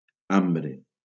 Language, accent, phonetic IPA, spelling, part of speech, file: Catalan, Valencia, [ˈam.bɾe], ambre, noun / adjective, LL-Q7026 (cat)-ambre.wav
- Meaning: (noun) 1. amber (semiprecious stone) 2. amber (yellow-orange color); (adjective) amber